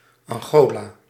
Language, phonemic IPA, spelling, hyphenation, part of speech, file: Dutch, /ˌɑŋˈɣoː.laː/, Angola, An‧go‧la, proper noun, Nl-Angola.ogg
- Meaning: Angola (a country in Southern Africa)